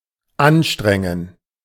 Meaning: 1. to make an effort, to work hard at something, to labour 2. to put something to work, to use something, to work something 3. to exert, to strain, to exhaust 4. to file
- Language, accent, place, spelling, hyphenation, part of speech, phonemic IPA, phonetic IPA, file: German, Germany, Berlin, anstrengen, an‧stren‧gen, verb, /ˈanˌʃtʁɛŋən/, [ˈʔanˌʃtʁɛŋn̩], De-anstrengen.ogg